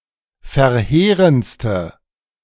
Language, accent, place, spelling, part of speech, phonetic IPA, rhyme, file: German, Germany, Berlin, verheerendste, adjective, [fɛɐ̯ˈheːʁənt͡stə], -eːʁənt͡stə, De-verheerendste.ogg
- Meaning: inflection of verheerend: 1. strong/mixed nominative/accusative feminine singular superlative degree 2. strong nominative/accusative plural superlative degree